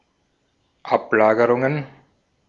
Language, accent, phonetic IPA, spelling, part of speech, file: German, Austria, [ˈapˌlaːɡəʁʊŋən], Ablagerungen, noun, De-at-Ablagerungen.ogg
- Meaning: plural of Ablagerung